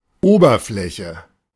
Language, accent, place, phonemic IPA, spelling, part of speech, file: German, Germany, Berlin, /ˈoːbərˌflɛçə/, Oberfläche, noun, De-Oberfläche.ogg
- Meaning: surface